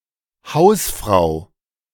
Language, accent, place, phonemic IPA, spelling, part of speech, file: German, Germany, Berlin, /ˈhaʊ̯sfʁaʊ/, Hausfrau, noun, De-Hausfrau.ogg
- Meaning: 1. housewife 2. hostess